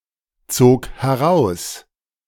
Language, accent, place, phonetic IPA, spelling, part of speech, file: German, Germany, Berlin, [ˌt͡soːk hɛˈʁaʊ̯s], zog heraus, verb, De-zog heraus.ogg
- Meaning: first/third-person singular preterite of herausziehen